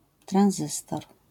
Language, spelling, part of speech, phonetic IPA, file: Polish, tranzystor, noun, [trãw̃ˈzɨstɔr], LL-Q809 (pol)-tranzystor.wav